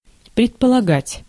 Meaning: 1. to assume, to suppose 2. to presume, to imply
- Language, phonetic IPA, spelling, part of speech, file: Russian, [prʲɪtpəɫɐˈɡatʲ], предполагать, verb, Ru-предполагать.ogg